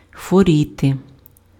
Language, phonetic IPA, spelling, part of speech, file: Ukrainian, [xwoˈrʲite], хворіти, verb, Uk-хворіти.ogg
- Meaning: to be ill, to be sick